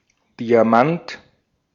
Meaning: 1. diamond (allotrope of carbon) 2. diamond (gemstone) 3. A small size of type, standardized as 4 point
- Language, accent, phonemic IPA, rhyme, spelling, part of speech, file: German, Austria, /diaˈmant/, -ant, Diamant, noun, De-at-Diamant.ogg